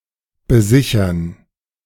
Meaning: to collateralize
- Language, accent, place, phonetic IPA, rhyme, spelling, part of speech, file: German, Germany, Berlin, [bəˈzɪçɐn], -ɪçɐn, besichern, verb, De-besichern.ogg